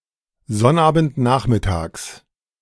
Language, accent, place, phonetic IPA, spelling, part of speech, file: German, Germany, Berlin, [ˈzɔnʔaːbn̩tˌnaːxmɪtaːks], Sonnabendnachmittags, noun, De-Sonnabendnachmittags.ogg
- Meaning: genitive of Sonnabendnachmittag